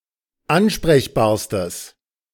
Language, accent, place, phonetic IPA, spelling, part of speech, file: German, Germany, Berlin, [ˈanʃpʁɛçbaːɐ̯stəs], ansprechbarstes, adjective, De-ansprechbarstes.ogg
- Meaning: strong/mixed nominative/accusative neuter singular superlative degree of ansprechbar